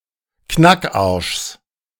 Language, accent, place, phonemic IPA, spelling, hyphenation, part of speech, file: German, Germany, Berlin, /ˈknakˌaʁʃs/, Knackarschs, Knack‧arschs, noun, De-Knackarschs.ogg
- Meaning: genitive singular of Knackarsch